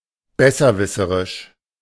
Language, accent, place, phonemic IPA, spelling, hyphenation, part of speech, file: German, Germany, Berlin, /ˈbɛsɐˌvɪsəʁɪʃ/, besserwisserisch, bes‧ser‧wis‧se‧risch, adjective, De-besserwisserisch.ogg
- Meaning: like a know-it-all